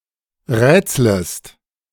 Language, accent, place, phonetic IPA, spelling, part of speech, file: German, Germany, Berlin, [ˈʁɛːt͡sləst], rätslest, verb, De-rätslest.ogg
- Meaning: second-person singular subjunctive I of rätseln